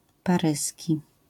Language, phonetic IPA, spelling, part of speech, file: Polish, [paˈrɨsʲci], paryski, adjective, LL-Q809 (pol)-paryski.wav